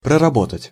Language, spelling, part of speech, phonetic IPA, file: Russian, проработать, verb, [prərɐˈbotətʲ], Ru-проработать.ogg
- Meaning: 1. to master (in detail), to study (in detail), to work through 2. to discuss 3. to prepare (a role, scene, etc.) for execution 4. to finish the details of (a painting or sculpture)